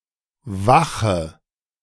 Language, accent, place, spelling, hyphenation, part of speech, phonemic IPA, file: German, Germany, Berlin, Wache, Wa‧che, noun, /ˈvaxə/, De-Wache.ogg
- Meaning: 1. wake, vigil 2. watch, sentry, guard duty 3. watch, guard (group of people perfoming such duty) 4. guard station, guardhouse 5. ellipsis of Polizeiwache: police station